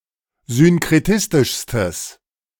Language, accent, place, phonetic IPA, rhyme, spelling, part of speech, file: German, Germany, Berlin, [zʏnkʁeˈtɪstɪʃstəs], -ɪstɪʃstəs, synkretistischstes, adjective, De-synkretistischstes.ogg
- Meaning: strong/mixed nominative/accusative neuter singular superlative degree of synkretistisch